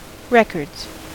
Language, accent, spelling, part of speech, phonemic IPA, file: English, US, records, noun, /ˈɹɛkɚdz/, En-us-records.ogg
- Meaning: plural of record